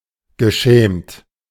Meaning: past participle of schämen
- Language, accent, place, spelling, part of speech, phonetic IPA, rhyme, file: German, Germany, Berlin, geschämt, verb, [ɡəˈʃɛːmt], -ɛːmt, De-geschämt.ogg